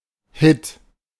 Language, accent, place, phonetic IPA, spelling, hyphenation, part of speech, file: German, Germany, Berlin, [hɪt], Hit, Hit, noun, De-Hit.ogg
- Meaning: 1. hit (A success, especially in the entertainment industry.) 2. hit (A dose of an illegal or addictive drug.) 3. hit